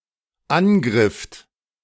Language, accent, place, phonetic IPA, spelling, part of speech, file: German, Germany, Berlin, [ˈanˌɡʁɪft], angrifft, verb, De-angrifft.ogg
- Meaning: second-person plural dependent preterite of angreifen